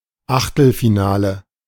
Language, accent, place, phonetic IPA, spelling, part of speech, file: German, Germany, Berlin, [ˈʔaχtl̩fiˌnaːlə], Achtelfinale, noun, De-Achtelfinale.ogg
- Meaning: round of 16, last 16, octafinal (the round before the quarterfinal)